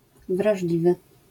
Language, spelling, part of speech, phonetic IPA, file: Polish, wrażliwy, adjective, [vraʒˈlʲivɨ], LL-Q809 (pol)-wrażliwy.wav